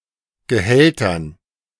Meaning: dative plural of Gehalt
- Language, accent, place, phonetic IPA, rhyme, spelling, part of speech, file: German, Germany, Berlin, [ɡəˈhɛltɐn], -ɛltɐn, Gehältern, noun, De-Gehältern.ogg